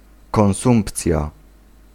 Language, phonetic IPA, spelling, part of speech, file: Polish, [kɔ̃w̃ˈsũmpt͡sʲja], konsumpcja, noun, Pl-konsumpcja.ogg